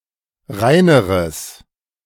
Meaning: strong/mixed nominative/accusative neuter singular comparative degree of rein
- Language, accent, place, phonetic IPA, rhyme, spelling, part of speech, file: German, Germany, Berlin, [ˈʁaɪ̯nəʁəs], -aɪ̯nəʁəs, reineres, adjective, De-reineres.ogg